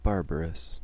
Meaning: 1. Not classical or pure 2. Uncivilized, uncultured 3. Mercilessly or impudently violent or cruel, savage 4. Like a barbarian, especially in sound; noisy, dissonant
- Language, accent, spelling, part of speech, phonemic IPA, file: English, US, barbarous, adjective, /ˈbɑː(ɹ)bəɹəs/, En-us-barbarous.ogg